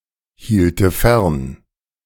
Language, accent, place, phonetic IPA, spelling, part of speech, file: German, Germany, Berlin, [ˌhiːltə ˈfɛʁn], hielte fern, verb, De-hielte fern.ogg
- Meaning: first/third-person singular subjunctive II of fernhalten